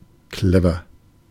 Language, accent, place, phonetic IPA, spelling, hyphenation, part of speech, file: German, Germany, Berlin, [ˈklɛvɐ], clever, cle‧ver, adjective, De-clever.ogg
- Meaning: clever